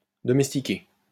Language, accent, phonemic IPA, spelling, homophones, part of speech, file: French, France, /dɔ.mɛs.ti.ke/, domestiqué, domestiquai / domestiquée / domestiquées / domestiquer / domestiqués / domestiquez, verb / adjective, LL-Q150 (fra)-domestiqué.wav
- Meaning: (verb) past participle of domestiquer; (adjective) domesticated, tamed